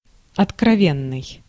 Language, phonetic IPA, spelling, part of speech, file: Russian, [ɐtkrɐˈvʲenːɨj], откровенный, adjective, Ru-откровенный.ogg
- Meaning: 1. sincere 2. frank, candid, straightforward 3. revealing (of clothing)